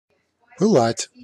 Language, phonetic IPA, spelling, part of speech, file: Russian, [pɨˈɫatʲ], пылать, verb, Ru-пылать.ogg
- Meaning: 1. to blaze, to flame, to be aflame 2. to glow 3. to burn (with a feeling)